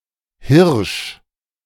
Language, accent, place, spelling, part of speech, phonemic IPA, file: German, Germany, Berlin, Hirsch, noun / proper noun, /hɪrʃ/, De-Hirsch.ogg
- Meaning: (noun) 1. deer 2. two-wheeler (e.g. bicycle, moped, motorbike) 3. expert 4. fool; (proper noun) a surname